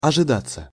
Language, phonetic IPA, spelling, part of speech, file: Russian, [ɐʐɨˈdat͡sːə], ожидаться, verb, Ru-ожидаться.ogg
- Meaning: 1. to be expected 2. passive of ожида́ть (ožidátʹ)